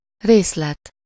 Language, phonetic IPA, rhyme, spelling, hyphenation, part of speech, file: Hungarian, [ˈreːslɛt], -ɛt, részlet, rész‧let, noun, Hu-részlet.ogg
- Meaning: 1. detail 2. installment (a portion of a debt, or sum of money, which is divided into portions that are made payable at different times)